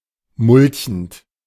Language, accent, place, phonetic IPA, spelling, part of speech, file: German, Germany, Berlin, [ˈmʊlçn̩t], mulchend, verb, De-mulchend.ogg
- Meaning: present participle of mulchen